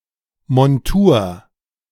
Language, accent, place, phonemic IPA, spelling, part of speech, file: German, Germany, Berlin, /mɔnˈtuːr/, Montur, noun, De-Montur.ogg
- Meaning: outfit, uniform